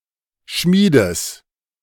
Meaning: genitive singular of Schmied
- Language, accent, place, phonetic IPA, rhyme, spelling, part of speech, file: German, Germany, Berlin, [ˈʃmiːdəs], -iːdəs, Schmiedes, noun, De-Schmiedes.ogg